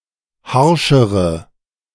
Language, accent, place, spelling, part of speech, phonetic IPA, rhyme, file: German, Germany, Berlin, harschere, adjective, [ˈhaʁʃəʁə], -aʁʃəʁə, De-harschere.ogg
- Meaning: inflection of harsch: 1. strong/mixed nominative/accusative feminine singular comparative degree 2. strong nominative/accusative plural comparative degree